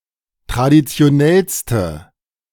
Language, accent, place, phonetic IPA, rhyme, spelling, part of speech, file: German, Germany, Berlin, [tʁadit͡si̯oˈnɛlstə], -ɛlstə, traditionellste, adjective, De-traditionellste.ogg
- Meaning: inflection of traditionell: 1. strong/mixed nominative/accusative feminine singular superlative degree 2. strong nominative/accusative plural superlative degree